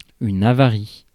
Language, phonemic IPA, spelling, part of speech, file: French, /a.va.ʁi/, avarie, noun, Fr-avarie.ogg
- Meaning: 1. damage (to a vessel or goods it is carrying) 2. deterioration